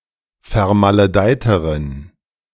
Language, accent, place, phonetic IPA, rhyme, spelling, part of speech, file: German, Germany, Berlin, [fɛɐ̯maləˈdaɪ̯təʁən], -aɪ̯təʁən, vermaledeiteren, adjective, De-vermaledeiteren.ogg
- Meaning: inflection of vermaledeit: 1. strong genitive masculine/neuter singular comparative degree 2. weak/mixed genitive/dative all-gender singular comparative degree